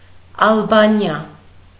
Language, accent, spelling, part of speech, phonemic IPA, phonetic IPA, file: Armenian, Eastern Armenian, Ալբանիա, proper noun, /ɑlˈbɑniɑ/, [ɑlbɑ́njɑ], Hy-Ալբանիա.ogg
- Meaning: Albania (a country in Southeastern Europe)